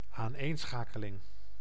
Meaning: a concatenation
- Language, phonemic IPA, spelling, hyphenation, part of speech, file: Dutch, /aːnˈeːnˌsxaː.kə.lɪŋ/, aaneenschakeling, aan‧een‧scha‧ke‧ling, noun, Nl-aaneenschakeling.ogg